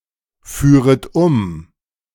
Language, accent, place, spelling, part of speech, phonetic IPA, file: German, Germany, Berlin, führet um, verb, [ˌfyːʁət ˈʊm], De-führet um.ogg
- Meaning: second-person plural subjunctive II of umfahren